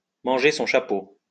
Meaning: to eat one's hat, to eat humble pie
- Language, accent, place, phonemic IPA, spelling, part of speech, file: French, France, Lyon, /mɑ̃.ʒe sɔ̃ ʃa.po/, manger son chapeau, verb, LL-Q150 (fra)-manger son chapeau.wav